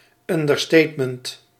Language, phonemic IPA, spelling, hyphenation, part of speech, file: Dutch, /ˌɑn.də(r)ˈsteːt.mənt/, understatement, un‧der‧state‧ment, noun, Nl-understatement.ogg
- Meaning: understatement